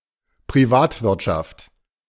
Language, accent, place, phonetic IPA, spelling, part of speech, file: German, Germany, Berlin, [pʁiˈvaːtvɪʁtʃaft], Privatwirtschaft, noun, De-Privatwirtschaft.ogg
- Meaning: private sector